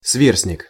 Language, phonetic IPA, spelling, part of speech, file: Russian, [ˈsvʲersnʲɪk], сверстник, noun, Ru-сверстник.ogg
- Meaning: 1. contemporary 2. coeval 3. age-mate (one who is the same age as another)